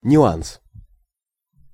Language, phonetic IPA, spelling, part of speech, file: Russian, [nʲʊˈans], нюанс, noun, Ru-нюанс.ogg
- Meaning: 1. nuance, shade 2. a small detail, a piece of additional information